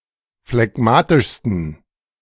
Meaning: 1. superlative degree of phlegmatisch 2. inflection of phlegmatisch: strong genitive masculine/neuter singular superlative degree
- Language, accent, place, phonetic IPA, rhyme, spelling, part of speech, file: German, Germany, Berlin, [flɛˈɡmaːtɪʃstn̩], -aːtɪʃstn̩, phlegmatischsten, adjective, De-phlegmatischsten.ogg